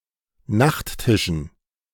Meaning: dative plural of Nachttisch
- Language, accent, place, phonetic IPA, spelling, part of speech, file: German, Germany, Berlin, [ˈnaxtˌtɪʃn̩], Nachttischen, noun, De-Nachttischen.ogg